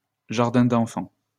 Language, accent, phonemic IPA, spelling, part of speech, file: French, France, /ʒaʁ.dɛ̃ d‿ɑ̃.fɑ̃/, jardin d'enfants, noun, LL-Q150 (fra)-jardin d'enfants.wav
- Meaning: a part-time crèche/nursery for toddlers